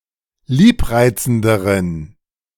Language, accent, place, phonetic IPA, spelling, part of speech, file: German, Germany, Berlin, [ˈliːpˌʁaɪ̯t͡sn̩dəʁən], liebreizenderen, adjective, De-liebreizenderen.ogg
- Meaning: inflection of liebreizend: 1. strong genitive masculine/neuter singular comparative degree 2. weak/mixed genitive/dative all-gender singular comparative degree